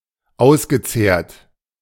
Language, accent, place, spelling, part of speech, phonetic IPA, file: German, Germany, Berlin, ausgezehrt, verb, [ˈaʊ̯sɡəˌt͡seːɐ̯t], De-ausgezehrt.ogg
- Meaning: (verb) past participle of auszehren; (adjective) haggard